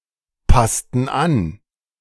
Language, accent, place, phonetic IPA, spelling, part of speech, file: German, Germany, Berlin, [ˌpastn̩ ˈan], passten an, verb, De-passten an.ogg
- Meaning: inflection of anpassen: 1. first/third-person plural preterite 2. first/third-person plural subjunctive II